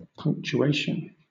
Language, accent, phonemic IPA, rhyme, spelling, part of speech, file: English, Southern England, /ˌpʌŋk.t͡ʃuˈeɪ.ʃən/, -eɪʃən, punctuation, noun, LL-Q1860 (eng)-punctuation.wav
- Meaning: A set of symbols and marks which are used to clarify meaning in text by separating strings of words into clauses, phrases and sentences; examples include commas, hyphens, and stops (periods)